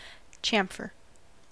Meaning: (noun) An obtuse-angled relief or cut at an edge added for a finished appearance and to break sharp edges; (verb) 1. To cut off the edge or corner of something 2. To cut a groove in something
- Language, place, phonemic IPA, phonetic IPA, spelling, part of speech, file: English, California, /ˈt͡ʃæm.fɚ/, [ˈt͡ʃɛəm.fɚ], chamfer, noun / verb, En-us-chamfer.ogg